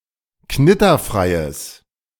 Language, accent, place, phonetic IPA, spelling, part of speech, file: German, Germany, Berlin, [ˈknɪtɐˌfʁaɪ̯əs], knitterfreies, adjective, De-knitterfreies.ogg
- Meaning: strong/mixed nominative/accusative neuter singular of knitterfrei